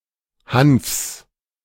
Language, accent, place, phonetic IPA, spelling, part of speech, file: German, Germany, Berlin, [hanfs], Hanfs, noun, De-Hanfs.ogg
- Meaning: genitive singular of Hanf